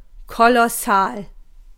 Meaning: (adjective) 1. colossal, huge 2. awesome; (adverb) very
- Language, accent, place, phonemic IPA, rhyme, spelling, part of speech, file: German, Germany, Berlin, /ˌkolɔˈsaːl/, -aːl, kolossal, adjective / adverb, De-kolossal.ogg